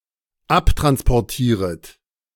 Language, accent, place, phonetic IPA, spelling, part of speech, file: German, Germany, Berlin, [ˈaptʁanspɔʁˌtiːʁət], abtransportieret, verb, De-abtransportieret.ogg
- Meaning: second-person plural dependent subjunctive I of abtransportieren